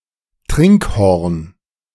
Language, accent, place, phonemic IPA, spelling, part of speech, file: German, Germany, Berlin, /ˈtʀɪŋkhɔʀn/, Trinkhorn, noun, De-Trinkhorn.ogg
- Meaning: drinking horn